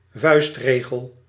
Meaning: rule of thumb
- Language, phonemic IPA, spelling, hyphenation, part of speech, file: Dutch, /ˈvœy̯stˌreː.ɣəl/, vuistregel, vuist‧re‧gel, noun, Nl-vuistregel.ogg